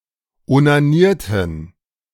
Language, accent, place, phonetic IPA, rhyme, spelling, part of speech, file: German, Germany, Berlin, [onaˈniːɐ̯tn̩], -iːɐ̯tn̩, onanierten, verb, De-onanierten.ogg
- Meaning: inflection of onanieren: 1. first/third-person plural preterite 2. first/third-person plural subjunctive II